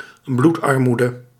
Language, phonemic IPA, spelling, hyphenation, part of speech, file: Dutch, /ˈblut.ɑrˌmu.də/, bloedarmoede, bloed‧ar‧moe‧de, noun, Nl-bloedarmoede.ogg
- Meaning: 1. anemia 2. lack of fresh blood, of inspiration, innovation, etc